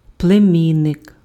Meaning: nephew
- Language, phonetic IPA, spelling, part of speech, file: Ukrainian, [pɫeˈmʲinːek], племінник, noun, Uk-племінник.ogg